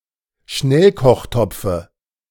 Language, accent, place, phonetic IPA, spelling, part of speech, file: German, Germany, Berlin, [ˈʃnɛlkɔxˌtɔp͡fə], Schnellkochtopfe, noun, De-Schnellkochtopfe.ogg
- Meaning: dative of Schnellkochtopf